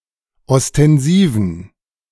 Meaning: inflection of ostensiv: 1. strong genitive masculine/neuter singular 2. weak/mixed genitive/dative all-gender singular 3. strong/weak/mixed accusative masculine singular 4. strong dative plural
- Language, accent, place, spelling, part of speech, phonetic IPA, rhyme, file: German, Germany, Berlin, ostensiven, adjective, [ɔstɛnˈziːvn̩], -iːvn̩, De-ostensiven.ogg